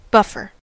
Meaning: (noun) Someone or something that buffs (polishes and makes shiny).: 1. A machine with rotary brushes, passed over a hard floor to clean it 2. A machine for polishing shoes and boots
- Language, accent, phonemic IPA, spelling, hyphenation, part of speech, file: English, General American, /ˈbʌfəɹ/, buffer, buff‧er, noun / adjective / verb, En-us-buffer.ogg